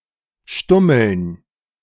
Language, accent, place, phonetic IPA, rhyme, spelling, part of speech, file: German, Germany, Berlin, [ˈʃtʊml̩n], -ʊml̩n, Stummeln, noun, De-Stummeln.ogg
- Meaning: dative plural of Stummel